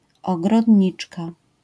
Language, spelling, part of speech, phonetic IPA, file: Polish, ogrodniczka, noun, [ˌɔɡrɔdʲˈɲit͡ʃka], LL-Q809 (pol)-ogrodniczka.wav